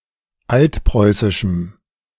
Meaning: strong dative masculine/neuter singular of altpreußisch
- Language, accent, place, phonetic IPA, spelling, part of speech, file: German, Germany, Berlin, [ˈaltˌpʁɔɪ̯sɪʃm̩], altpreußischem, adjective, De-altpreußischem.ogg